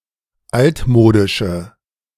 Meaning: inflection of altmodisch: 1. strong/mixed nominative/accusative feminine singular 2. strong nominative/accusative plural 3. weak nominative all-gender singular
- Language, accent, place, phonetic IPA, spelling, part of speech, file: German, Germany, Berlin, [ˈaltˌmoːdɪʃə], altmodische, adjective, De-altmodische.ogg